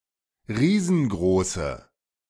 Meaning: inflection of riesengroß: 1. strong/mixed nominative/accusative feminine singular 2. strong nominative/accusative plural 3. weak nominative all-gender singular
- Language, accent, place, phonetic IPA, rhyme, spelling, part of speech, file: German, Germany, Berlin, [ˈʁiːzn̩ˈɡʁoːsə], -oːsə, riesengroße, adjective, De-riesengroße.ogg